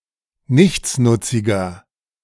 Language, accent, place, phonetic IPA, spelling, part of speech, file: German, Germany, Berlin, [ˈnɪçt͡snʊt͡sɪɡɐ], nichtsnutziger, adjective, De-nichtsnutziger.ogg
- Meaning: 1. comparative degree of nichtsnutzig 2. inflection of nichtsnutzig: strong/mixed nominative masculine singular 3. inflection of nichtsnutzig: strong genitive/dative feminine singular